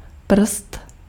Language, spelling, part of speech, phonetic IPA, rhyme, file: Czech, prst, noun, [ˈpr̩st], -r̩st, Cs-prst.ogg
- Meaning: 1. finger 2. toe